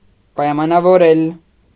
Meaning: to restrict, to limit (to make dependent on or to make conditional)
- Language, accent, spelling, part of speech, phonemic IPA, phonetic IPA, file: Armenian, Eastern Armenian, պայմանավորել, verb, /pɑjmɑnɑvoˈɾel/, [pɑjmɑnɑvoɾél], Hy-պայմանավորել.ogg